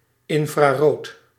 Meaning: infrared
- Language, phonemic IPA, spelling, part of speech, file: Dutch, /ˌɪn.fraːˈroːt/, infrarood, adjective, Nl-infrarood.ogg